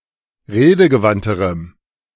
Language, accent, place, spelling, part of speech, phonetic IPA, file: German, Germany, Berlin, redegewandterem, adjective, [ˈʁeːdəɡəˌvantəʁəm], De-redegewandterem.ogg
- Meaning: strong dative masculine/neuter singular comparative degree of redegewandt